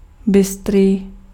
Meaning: quick, alert, perceptive
- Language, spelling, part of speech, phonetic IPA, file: Czech, bystrý, adjective, [ˈbɪstriː], Cs-bystrý.ogg